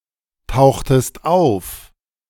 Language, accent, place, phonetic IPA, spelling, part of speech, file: German, Germany, Berlin, [ˌtaʊ̯xtəst ˈaʊ̯f], tauchtest auf, verb, De-tauchtest auf.ogg
- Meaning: inflection of auftauchen: 1. second-person singular preterite 2. second-person singular subjunctive II